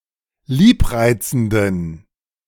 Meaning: inflection of liebreizend: 1. strong genitive masculine/neuter singular 2. weak/mixed genitive/dative all-gender singular 3. strong/weak/mixed accusative masculine singular 4. strong dative plural
- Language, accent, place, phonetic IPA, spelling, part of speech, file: German, Germany, Berlin, [ˈliːpˌʁaɪ̯t͡sn̩dən], liebreizenden, adjective, De-liebreizenden.ogg